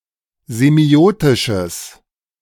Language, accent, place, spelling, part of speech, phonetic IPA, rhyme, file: German, Germany, Berlin, semiotisches, adjective, [zeˈmi̯oːtɪʃəs], -oːtɪʃəs, De-semiotisches.ogg
- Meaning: strong/mixed nominative/accusative neuter singular of semiotisch